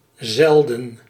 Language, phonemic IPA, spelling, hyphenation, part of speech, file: Dutch, /ˈzɛl.də(n)/, zelden, zel‧den, adverb, Nl-zelden.ogg
- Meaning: rarely, seldom